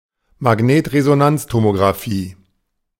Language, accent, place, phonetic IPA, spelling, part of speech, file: German, Germany, Berlin, [maˈɡneːtʁezonant͡stomoɡʁaˌfiː], Magnetresonanztomografie, noun, De-Magnetresonanztomografie.ogg
- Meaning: alternative form of Magnetresonanztomographie